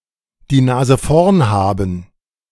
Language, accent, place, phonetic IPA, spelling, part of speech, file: German, Germany, Berlin, [diː ˈnaːzə fɔʁn ˈhaːbn̩], die Nase vorn haben, verb, De-die Nase vorn haben.ogg
- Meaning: to have the advantage